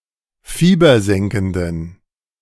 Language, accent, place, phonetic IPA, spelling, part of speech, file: German, Germany, Berlin, [ˈfiːbɐˌzɛŋkn̩dən], fiebersenkenden, adjective, De-fiebersenkenden.ogg
- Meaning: inflection of fiebersenkend: 1. strong genitive masculine/neuter singular 2. weak/mixed genitive/dative all-gender singular 3. strong/weak/mixed accusative masculine singular 4. strong dative plural